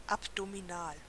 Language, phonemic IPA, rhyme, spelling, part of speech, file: German, /apdomiˈnaːl/, -aːl, abdominal, adjective, De-abdominal.ogg
- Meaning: abdominal